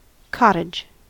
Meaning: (noun) 1. A small house 2. A seasonal home of any size or stature, a recreational home or a home in a remote location 3. A public lavatory 4. A meeting place for homosexual men
- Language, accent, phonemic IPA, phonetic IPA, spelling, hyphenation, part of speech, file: English, US, /ˈkɑt.ɪd͡ʒ/, [ˈkɑɾ.ɪd͡ʒ], cottage, cot‧tage, noun / verb, En-us-cottage.ogg